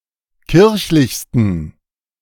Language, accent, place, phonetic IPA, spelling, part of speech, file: German, Germany, Berlin, [ˈkɪʁçlɪçstn̩], kirchlichsten, adjective, De-kirchlichsten.ogg
- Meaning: 1. superlative degree of kirchlich 2. inflection of kirchlich: strong genitive masculine/neuter singular superlative degree